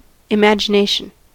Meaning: The image-making power of the mind; the act of mentally creating or reproducing an object not previously perceived; the ability to create such images
- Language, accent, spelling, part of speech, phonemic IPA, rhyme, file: English, US, imagination, noun, /ɪˌmæd͡ʒəˈneɪʃən/, -eɪʃən, En-us-imagination.ogg